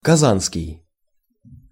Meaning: Kazan (city in Russia; the capital of Tatarstan)
- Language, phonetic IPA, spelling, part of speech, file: Russian, [kɐˈzanskʲɪj], казанский, adjective, Ru-казанский.ogg